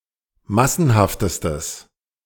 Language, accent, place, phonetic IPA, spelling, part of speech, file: German, Germany, Berlin, [ˈmasn̩haftəstəs], massenhaftestes, adjective, De-massenhaftestes.ogg
- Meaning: strong/mixed nominative/accusative neuter singular superlative degree of massenhaft